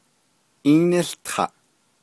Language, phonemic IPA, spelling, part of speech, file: Navajo, /ʔíːnɪ́ɬtʰɑ̀ʔ/, ííníłtaʼ, verb, Nv-ííníłtaʼ.ogg
- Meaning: 1. second-person singular imperfective of ółtaʼ 2. second-person singular perfective of ółtaʼ